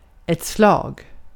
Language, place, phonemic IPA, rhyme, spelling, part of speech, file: Swedish, Gotland, /slɑːɡ/, -ɑːɡ, slag, noun, Sv-slag.ogg
- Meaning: 1. A hit; punch 2. A hit of a ball by a bat or a racket 3. A battle between two armies, navies or air forces 4. A stroke; the striking of a clock 5. stroke; the time when a clock strikes